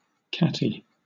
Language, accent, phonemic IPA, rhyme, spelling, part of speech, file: English, Southern England, /ˈkæti/, -æti, catty, adjective, LL-Q1860 (eng)-catty.wav
- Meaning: 1. Resembling or characteristic of a cat 2. With subtle hostility in an effort to hurt, annoy, or upset (particularly in interactions between women)